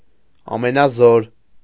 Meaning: all-powerful, almighty, omnipotent
- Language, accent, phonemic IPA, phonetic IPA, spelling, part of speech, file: Armenian, Eastern Armenian, /ɑmenɑˈzoɾ/, [ɑmenɑzóɾ], ամենազոր, adjective, Hy-ամենազոր.ogg